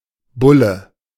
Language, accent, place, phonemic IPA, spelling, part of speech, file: German, Germany, Berlin, /ˈbʊlə/, Bulle, noun, De-Bulle.ogg
- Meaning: 1. bull (male cattle) 2. bull (strong or stout man) 3. police officer, cop, pig synonym of Polizist 4. bull (papal decree)